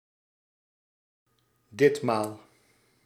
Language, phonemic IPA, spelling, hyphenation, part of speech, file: Dutch, /ˈdɪt.maːl/, ditmaal, dit‧maal, adverb, Nl-ditmaal.ogg
- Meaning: this time